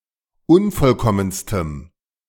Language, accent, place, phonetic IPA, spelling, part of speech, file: German, Germany, Berlin, [ˈʊnfɔlˌkɔmənstəm], unvollkommenstem, adjective, De-unvollkommenstem.ogg
- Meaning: strong dative masculine/neuter singular superlative degree of unvollkommen